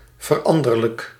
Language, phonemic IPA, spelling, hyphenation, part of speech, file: Dutch, /vərˈɑn.dər.lək/, veranderlijk, ver‧an‧der‧lijk, adjective, Nl-veranderlijk.ogg
- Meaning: variable, changing, mutable